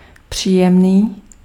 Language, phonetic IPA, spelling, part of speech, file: Czech, [ˈpr̝̊iːjɛmniː], příjemný, adjective, Cs-příjemný.ogg
- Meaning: pleasant, agreeable